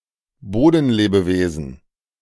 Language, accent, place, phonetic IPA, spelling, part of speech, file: German, Germany, Berlin, [ˈboːdn̩ˌleːbəveːzn̩], Bodenlebewesen, noun, De-Bodenlebewesen.ogg
- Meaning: soil organism